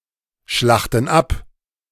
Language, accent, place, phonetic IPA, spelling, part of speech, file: German, Germany, Berlin, [ˌʃlaxtn̩ ˈap], schlachten ab, verb, De-schlachten ab.ogg
- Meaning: inflection of abschlachten: 1. first/third-person plural present 2. first/third-person plural subjunctive I